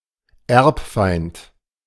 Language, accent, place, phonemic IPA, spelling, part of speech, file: German, Germany, Berlin, /ˈɛrpˌfaɪ̯nt/, Erbfeind, noun, De-Erbfeind.ogg
- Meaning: 1. A historical enemy, hereditary (inherited) or sworn enemy believed to be hostile for generations (male or of unspecified gender) 2. the Devil